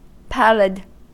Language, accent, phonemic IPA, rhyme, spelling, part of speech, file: English, US, /ˈpælɪd/, -ælɪd, pallid, adjective, En-us-pallid.ogg
- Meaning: Appearing weak, pale, or wan